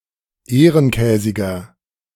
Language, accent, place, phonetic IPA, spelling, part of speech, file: German, Germany, Berlin, [ˈeːʁənˌkɛːzɪɡɐ], ehrenkäsiger, adjective, De-ehrenkäsiger.ogg
- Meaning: 1. comparative degree of ehrenkäsig 2. inflection of ehrenkäsig: strong/mixed nominative masculine singular 3. inflection of ehrenkäsig: strong genitive/dative feminine singular